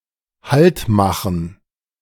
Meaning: to halt (to stop one's march or other movement, e.g. for a break)
- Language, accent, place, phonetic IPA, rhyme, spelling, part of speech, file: German, Germany, Berlin, [ˈhaltˌmaxn̩], -altmaxn̩, haltmachen, verb, De-haltmachen.ogg